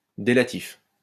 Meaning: delative, delative case
- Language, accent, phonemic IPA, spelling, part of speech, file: French, France, /de.la.tif/, délatif, noun, LL-Q150 (fra)-délatif.wav